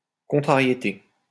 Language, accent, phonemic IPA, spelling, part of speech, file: French, France, /kɔ̃.tʁa.ʁje.te/, contrariété, noun, LL-Q150 (fra)-contrariété.wav
- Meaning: 1. vexation, irritation 2. contrast, contrariety